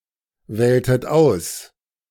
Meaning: inflection of auswählen: 1. second-person plural preterite 2. second-person plural subjunctive II
- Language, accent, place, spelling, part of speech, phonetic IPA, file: German, Germany, Berlin, wähltet aus, verb, [ˌvɛːltət ˈaʊ̯s], De-wähltet aus.ogg